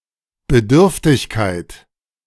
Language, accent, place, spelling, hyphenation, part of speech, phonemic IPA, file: German, Germany, Berlin, Bedürftigkeit, Be‧dürf‧tig‧keit, noun, /bəˈdʏʁftɪçkaɪ̯t/, De-Bedürftigkeit.ogg
- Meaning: neediness